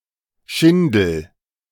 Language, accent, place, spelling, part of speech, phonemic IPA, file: German, Germany, Berlin, Schindel, noun, /ˈʃɪndl̩/, De-Schindel.ogg
- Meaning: 1. shingle 2. a paddle used in the game of hornussen